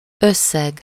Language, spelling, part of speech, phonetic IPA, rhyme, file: Hungarian, összeg, noun, [ˈøsːɛɡ], -ɛɡ, Hu-összeg.ogg
- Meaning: 1. sum, total (quantity obtained by addition or aggregation) 2. sum, amount (a quantity of money)